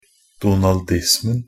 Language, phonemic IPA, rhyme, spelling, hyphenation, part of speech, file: Norwegian Bokmål, /duːnɑlˈdɪsmn̩/, -ɪsmn̩, Donaldismen, Do‧nal‧dis‧men, noun, NB - Pronunciation of Norwegian Bokmål «donaldismen».ogg
- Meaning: definite singular of Donaldisme